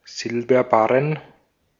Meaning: silver bullion (silver bars)
- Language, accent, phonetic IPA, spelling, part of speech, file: German, Austria, [ˈzɪlbɐˌbaʁən], Silberbarren, noun, De-at-Silberbarren.ogg